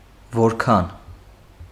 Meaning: 1. how much 2. how
- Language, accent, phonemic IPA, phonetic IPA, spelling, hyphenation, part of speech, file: Armenian, Eastern Armenian, /voɾˈkʰɑn/, [voɾkʰɑ́n], որքան, որ‧քան, pronoun, Hy-որքան.ogg